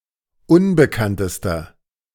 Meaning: inflection of unbekannt: 1. strong/mixed nominative masculine singular superlative degree 2. strong genitive/dative feminine singular superlative degree 3. strong genitive plural superlative degree
- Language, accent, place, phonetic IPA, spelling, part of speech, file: German, Germany, Berlin, [ˈʊnbəkantəstɐ], unbekanntester, adjective, De-unbekanntester.ogg